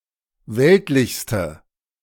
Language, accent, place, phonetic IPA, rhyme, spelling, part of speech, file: German, Germany, Berlin, [ˈvɛltlɪçstə], -ɛltlɪçstə, weltlichste, adjective, De-weltlichste.ogg
- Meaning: inflection of weltlich: 1. strong/mixed nominative/accusative feminine singular superlative degree 2. strong nominative/accusative plural superlative degree